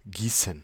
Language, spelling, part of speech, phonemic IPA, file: German, gießen, verb, /ˈɡiːsən/, De-gießen.oga
- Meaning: 1. to pour; usually only of liquids, especially of large quantities 2. to pour; to cast; to found (shape molten metal or glass by pouring) 3. to water by pouring (e.g. with a can)